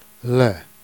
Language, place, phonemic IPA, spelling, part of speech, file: Jèrriais, Jersey, /lɛː/, lé, article, Jer-lé.ogg
- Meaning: the masculine singular definite article